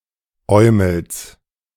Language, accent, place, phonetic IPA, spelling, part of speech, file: German, Germany, Berlin, [ˈɔɪ̯ml̩s], Eumels, noun, De-Eumels.ogg
- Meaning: genitive singular of Eumel